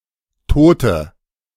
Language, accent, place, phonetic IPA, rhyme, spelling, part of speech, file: German, Germany, Berlin, [ˈtoːtə], -oːtə, Tote, noun, De-Tote.ogg
- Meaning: 1. female equivalent of Toter: female cadaver; female corpse 2. inflection of Toter: strong nominative/accusative plural 3. inflection of Toter: weak nominative singular